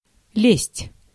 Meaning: 1. to climb (up, on to), to scramble 2. to clamber, to crawl, to scramble (through, into, under) 3. to get (into); to thrust the hand (into) 4. to thrust oneself (upon); to intrude (upon)
- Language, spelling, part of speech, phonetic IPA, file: Russian, лезть, verb, [lʲesʲtʲ], Ru-лезть.ogg